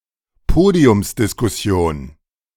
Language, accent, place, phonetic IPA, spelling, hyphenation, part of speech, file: German, Germany, Berlin, [ˈpoːdi̯ʊmsdɪskʊˌsi̯oːn], Podiumsdiskussion, Po‧di‧ums‧dis‧kus‧si‧on, noun, De-Podiumsdiskussion.ogg
- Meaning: panel discussion